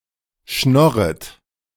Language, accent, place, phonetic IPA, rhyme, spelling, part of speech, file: German, Germany, Berlin, [ˈʃnɔʁət], -ɔʁət, schnorret, verb, De-schnorret.ogg
- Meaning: second-person plural subjunctive I of schnorren